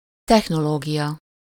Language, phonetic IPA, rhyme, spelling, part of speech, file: Hungarian, [ˈtɛxnoloːɡijɒ], -jɒ, technológia, noun, Hu-technológia.ogg
- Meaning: technology